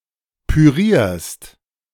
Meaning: second-person singular present of pürieren
- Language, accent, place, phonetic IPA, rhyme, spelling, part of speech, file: German, Germany, Berlin, [pyˈʁiːɐ̯st], -iːɐ̯st, pürierst, verb, De-pürierst.ogg